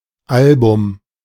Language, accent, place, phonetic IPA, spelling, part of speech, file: German, Germany, Berlin, [ˈalbʊm], Album, noun, De-Album.ogg
- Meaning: album